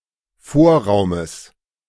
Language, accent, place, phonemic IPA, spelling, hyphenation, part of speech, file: German, Germany, Berlin, /ˈfoːɐ̯ˌʁaʊ̯məs/, Vorraumes, Vor‧rau‧mes, noun, De-Vorraumes.ogg
- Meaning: genitive singular of Vorraum